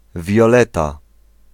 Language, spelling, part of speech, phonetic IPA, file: Polish, Wioleta, proper noun, [vʲjɔˈlɛta], Pl-Wioleta.ogg